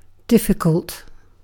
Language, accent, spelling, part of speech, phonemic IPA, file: English, UK, difficult, adjective / verb, /ˈdɪfɪkəlt/, En-uk-difficult.ogg
- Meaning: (adjective) 1. Hard, not easy, requiring much effort 2. Hard to manage, uncooperative, troublesome 3. Unable or unwilling; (verb) To make difficult, hinder; to impede; to perplex